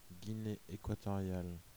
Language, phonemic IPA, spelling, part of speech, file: French, /ɡi.ne e.kwa.tɔ.ʁjal/, Guinée équatoriale, proper noun, Fr-Guinée équatoriale.oga
- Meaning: Equatorial Guinea (a country in Central Africa)